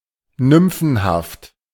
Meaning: nymphic
- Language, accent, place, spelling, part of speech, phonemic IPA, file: German, Germany, Berlin, nymphenhaft, adjective, /ˈnʏmfn̩ˌhaft/, De-nymphenhaft.ogg